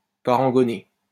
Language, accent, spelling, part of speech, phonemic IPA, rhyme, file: French, France, parangonner, verb, /pa.ʁɑ̃.ɡɔ.ne/, -e, LL-Q150 (fra)-parangonner.wav
- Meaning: to paragon